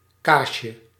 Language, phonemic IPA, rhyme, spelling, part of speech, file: Dutch, /ˈkaː.ʃə/, -aːʃə, kaasje, noun, Nl-kaasje.ogg
- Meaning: diminutive of kaas